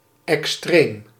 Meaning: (adjective) extreme; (adverb) extremely
- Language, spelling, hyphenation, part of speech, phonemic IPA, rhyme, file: Dutch, extreem, ex‧treem, adjective / adverb, /ɛksˈtreːm/, -eːm, Nl-extreem.ogg